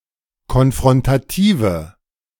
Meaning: inflection of konfrontativ: 1. strong/mixed nominative/accusative feminine singular 2. strong nominative/accusative plural 3. weak nominative all-gender singular
- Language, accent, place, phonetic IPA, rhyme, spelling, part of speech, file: German, Germany, Berlin, [kɔnfʁɔntaˈtiːvə], -iːvə, konfrontative, adjective, De-konfrontative.ogg